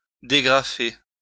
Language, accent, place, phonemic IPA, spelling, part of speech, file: French, France, Lyon, /de.ɡʁa.fe/, dégrafer, verb, LL-Q150 (fra)-dégrafer.wav
- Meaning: 1. to unclasp, unfasten, unhook (a piece of clothing) 2. to unbutton oneself, take one's clothes off